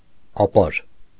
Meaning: rock, layer
- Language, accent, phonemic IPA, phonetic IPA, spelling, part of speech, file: Armenian, Eastern Armenian, /ɑˈpɑɾ/, [ɑpɑ́ɾ], ապար, noun, Hy-ապար.ogg